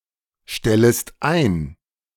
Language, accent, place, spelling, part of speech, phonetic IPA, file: German, Germany, Berlin, stellest ein, verb, [ˌʃtɛləst ˈaɪ̯n], De-stellest ein.ogg
- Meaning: second-person singular subjunctive I of einstellen